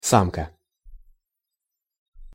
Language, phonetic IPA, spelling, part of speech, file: Russian, [ˈsamkə], самка, noun, Ru-самка.ogg
- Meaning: female, dam, bitch, doe, hen, she, jenny (an individual belonging to the sex that can give birth)